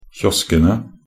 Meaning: definite plural of kiosk
- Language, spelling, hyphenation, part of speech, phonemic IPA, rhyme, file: Norwegian Bokmål, kioskene, kios‧ke‧ne, noun, /ˈçɔskənə/, -ənə, Nb-kioskene.ogg